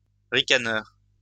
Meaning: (noun) sniggerer; sneerer; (adjective) sniggering; sneering
- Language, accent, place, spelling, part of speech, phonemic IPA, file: French, France, Lyon, ricaneur, noun / adjective, /ʁi.ka.nœʁ/, LL-Q150 (fra)-ricaneur.wav